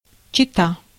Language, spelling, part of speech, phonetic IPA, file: Russian, чета, noun, [t͡ɕɪˈta], Ru-чета.ogg
- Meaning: 1. couple, pair 2. match